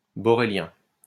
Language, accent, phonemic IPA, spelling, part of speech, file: French, France, /bɔ.ʁe.ljɛ̃/, borélien, adjective, LL-Q150 (fra)-borélien.wav
- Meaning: borelian